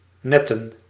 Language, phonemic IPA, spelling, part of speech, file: Dutch, /ˈnɛtə(n)/, netten, verb / noun, Nl-netten.ogg
- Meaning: plural of net